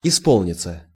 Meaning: 1. to come true, to be fulfilled 2. to turn (of age) 3. passive of испо́лнить (ispólnitʹ)
- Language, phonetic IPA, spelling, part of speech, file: Russian, [ɪˈspoɫnʲɪt͡sə], исполниться, verb, Ru-исполниться.ogg